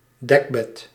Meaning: duvet
- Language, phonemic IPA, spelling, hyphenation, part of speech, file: Dutch, /ˈdɛk.bɛt/, dekbed, dek‧bed, noun, Nl-dekbed.ogg